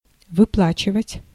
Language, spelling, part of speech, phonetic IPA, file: Russian, выплачивать, verb, [vɨˈpɫat͡ɕɪvətʲ], Ru-выплачивать.ogg
- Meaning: 1. to pay, to disburse 2. to pay off, to pay in full